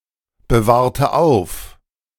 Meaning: inflection of aufbewahren: 1. first/third-person singular preterite 2. first/third-person singular subjunctive II
- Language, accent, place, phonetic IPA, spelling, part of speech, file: German, Germany, Berlin, [bəˌvaːʁ̯tə ˈaʊ̯f], bewahrte auf, verb, De-bewahrte auf.ogg